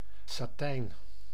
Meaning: satin
- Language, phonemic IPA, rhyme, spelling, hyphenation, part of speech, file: Dutch, /saːˈtɛi̯n/, -ɛi̯n, satijn, sa‧tijn, noun, Nl-satijn.ogg